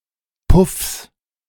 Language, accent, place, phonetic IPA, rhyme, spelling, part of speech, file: German, Germany, Berlin, [pʊfs], -ʊfs, Puffs, noun, De-Puffs.ogg
- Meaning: plural of Puff